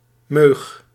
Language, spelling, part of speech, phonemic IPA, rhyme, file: Dutch, meug, noun, /møːx/, -øːx, Nl-meug.ogg
- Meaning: taste; one's liking or preference